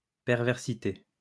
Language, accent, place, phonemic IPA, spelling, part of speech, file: French, France, Lyon, /pɛʁ.vɛʁ.si.te/, perversité, noun, LL-Q150 (fra)-perversité.wav
- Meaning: 1. perversity 2. depravity